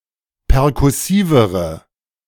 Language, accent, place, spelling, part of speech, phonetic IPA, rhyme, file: German, Germany, Berlin, perkussivere, adjective, [pɛʁkʊˈsiːvəʁə], -iːvəʁə, De-perkussivere.ogg
- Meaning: inflection of perkussiv: 1. strong/mixed nominative/accusative feminine singular comparative degree 2. strong nominative/accusative plural comparative degree